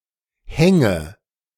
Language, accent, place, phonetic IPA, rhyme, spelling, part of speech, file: German, Germany, Berlin, [ˈhɛŋə], -ɛŋə, hänge, verb, De-hänge.ogg
- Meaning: inflection of hängen: 1. first-person singular present 2. first/third-person singular subjunctive I 3. singular imperative